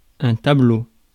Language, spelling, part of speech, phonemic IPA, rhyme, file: French, tableau, noun, /ta.blo/, -o, Fr-tableau.ogg
- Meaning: 1. painting 2. picture (a captured image) 3. writing board 4. table (arrangement of rows and columns) 5. chart 6. tableau